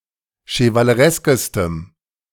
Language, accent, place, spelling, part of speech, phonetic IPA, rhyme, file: German, Germany, Berlin, chevalereskestem, adjective, [ʃəvaləˈʁɛskəstəm], -ɛskəstəm, De-chevalereskestem.ogg
- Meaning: strong dative masculine/neuter singular superlative degree of chevaleresk